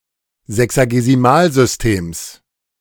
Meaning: genitive singular of Sexagesimalsystem
- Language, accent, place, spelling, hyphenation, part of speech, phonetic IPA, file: German, Germany, Berlin, Sexagesimalsystems, Se‧xa‧ge‧si‧mal‧sys‧tems, noun, [ˌzɛksaɡeziˈmaːlzʏsˌteːms], De-Sexagesimalsystems.ogg